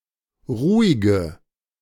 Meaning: inflection of ruhig: 1. strong/mixed nominative/accusative feminine singular 2. strong nominative/accusative plural 3. weak nominative all-gender singular 4. weak accusative feminine/neuter singular
- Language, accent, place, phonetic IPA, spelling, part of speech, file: German, Germany, Berlin, [ˈʁuːɪɡə], ruhige, adjective, De-ruhige.ogg